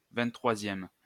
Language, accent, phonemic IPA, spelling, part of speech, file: French, France, /vɛ̃t.tʁwa.zjɛm/, vingt-troisième, adjective / noun, LL-Q150 (fra)-vingt-troisième.wav
- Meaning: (adjective) twenty-third